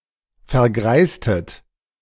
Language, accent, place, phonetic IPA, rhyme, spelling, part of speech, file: German, Germany, Berlin, [fɛɐ̯ˈɡʁaɪ̯stət], -aɪ̯stət, vergreistet, verb, De-vergreistet.ogg
- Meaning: inflection of vergreisen: 1. second-person plural preterite 2. second-person plural subjunctive II